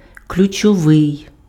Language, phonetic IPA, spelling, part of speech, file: Ukrainian, [klʲʊt͡ʃɔˈʋɪi̯], ключовий, adjective, Uk-ключовий.ogg
- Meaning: 1. key (pertaining to keys) 2. key (crucially important; decisive)